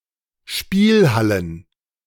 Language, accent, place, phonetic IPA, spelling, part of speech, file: German, Germany, Berlin, [ˈʃpiːlˌhalən], Spielhallen, noun, De-Spielhallen.ogg
- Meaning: plural of Spielhalle